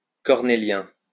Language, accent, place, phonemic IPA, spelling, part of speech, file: French, France, Lyon, /kɔʁ.ne.ljɛ̃/, cornélien, adjective, LL-Q150 (fra)-cornélien.wav
- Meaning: Cornelian